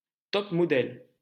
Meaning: alternative spelling of top-modèle
- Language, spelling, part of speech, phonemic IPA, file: French, top model, noun, /tɔp mɔ.dɛl/, LL-Q150 (fra)-top model.wav